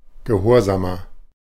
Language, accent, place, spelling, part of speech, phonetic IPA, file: German, Germany, Berlin, gehorsamer, adjective, [ɡəˈhoːɐ̯ˌzaːmɐ], De-gehorsamer.ogg
- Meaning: 1. comparative degree of gehorsam 2. inflection of gehorsam: strong/mixed nominative masculine singular 3. inflection of gehorsam: strong genitive/dative feminine singular